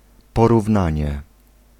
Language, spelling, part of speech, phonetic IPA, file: Polish, porównanie, noun, [ˌpɔruvˈnãɲɛ], Pl-porównanie.ogg